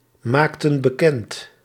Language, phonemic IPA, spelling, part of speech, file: Dutch, /ˈmaktə(n) bəˈkɛnt/, maakten bekend, verb, Nl-maakten bekend.ogg
- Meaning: inflection of bekendmaken: 1. plural past indicative 2. plural past subjunctive